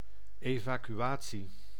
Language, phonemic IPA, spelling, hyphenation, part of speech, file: Dutch, /ˌeːvaːkyˈaː(t)si/, evacuatie, eva‧cu‧a‧tie, noun, Nl-evacuatie.ogg
- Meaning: evacuation (the act of emptying)